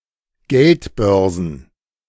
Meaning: plural of Geldbörse
- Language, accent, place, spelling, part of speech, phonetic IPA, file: German, Germany, Berlin, Geldbörsen, noun, [ˈɡɛltˌbœʁzn̩], De-Geldbörsen.ogg